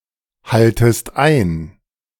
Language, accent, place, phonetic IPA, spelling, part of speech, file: German, Germany, Berlin, [ˌhaltəst ˈaɪ̯n], haltest ein, verb, De-haltest ein.ogg
- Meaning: second-person singular subjunctive I of einhalten